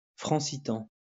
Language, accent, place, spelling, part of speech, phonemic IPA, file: French, France, Lyon, francitan, noun, /fʁɑ̃.si.tɑ̃/, LL-Q150 (fra)-francitan.wav
- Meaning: Francitan (French influenced by Occitan usage and accent)